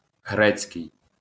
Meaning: Greek
- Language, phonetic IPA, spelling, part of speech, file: Ukrainian, [ˈɦrɛt͡sʲkei̯], грецький, adjective, LL-Q8798 (ukr)-грецький.wav